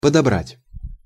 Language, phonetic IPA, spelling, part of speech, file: Russian, [pədɐˈbratʲ], подобрать, verb, Ru-подобрать.ogg
- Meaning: 1. to pick up 2. to sort out, to select, to glean